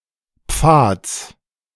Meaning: genitive singular of Pfad
- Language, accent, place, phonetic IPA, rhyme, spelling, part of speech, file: German, Germany, Berlin, [p͡faːt͡s], -aːt͡s, Pfads, noun, De-Pfads.ogg